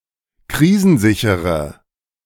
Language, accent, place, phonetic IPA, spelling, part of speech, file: German, Germany, Berlin, [ˈkʁiːzn̩ˌzɪçəʁə], krisensichere, adjective, De-krisensichere.ogg
- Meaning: inflection of krisensicher: 1. strong/mixed nominative/accusative feminine singular 2. strong nominative/accusative plural 3. weak nominative all-gender singular